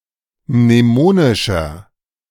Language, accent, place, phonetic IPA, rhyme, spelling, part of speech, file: German, Germany, Berlin, [mneˈmoːnɪʃɐ], -oːnɪʃɐ, mnemonischer, adjective, De-mnemonischer.ogg
- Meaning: inflection of mnemonisch: 1. strong/mixed nominative masculine singular 2. strong genitive/dative feminine singular 3. strong genitive plural